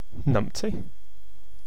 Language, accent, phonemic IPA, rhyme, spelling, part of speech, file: English, UK, /ˈnʌmpti/, -ʌmpti, numpty, noun, En-uk-Numpty.ogg
- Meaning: An idiot, dolt or fool